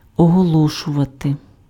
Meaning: to announce, to declare, to proclaim
- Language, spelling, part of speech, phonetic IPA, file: Ukrainian, оголошувати, verb, [ɔɦɔˈɫɔʃʊʋɐte], Uk-оголошувати.ogg